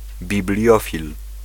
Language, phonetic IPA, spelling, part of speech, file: Polish, [bʲiˈblʲjɔfʲil], bibliofil, noun, Pl-bibliofil.ogg